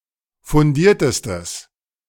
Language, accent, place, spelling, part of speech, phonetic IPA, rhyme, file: German, Germany, Berlin, fundiertestes, adjective, [fʊnˈdiːɐ̯təstəs], -iːɐ̯təstəs, De-fundiertestes.ogg
- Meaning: strong/mixed nominative/accusative neuter singular superlative degree of fundiert